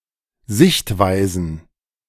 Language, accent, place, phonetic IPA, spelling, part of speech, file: German, Germany, Berlin, [ˈzɪçtˌvaɪ̯zn̩], Sichtweisen, noun, De-Sichtweisen.ogg
- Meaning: plural of Sichtweise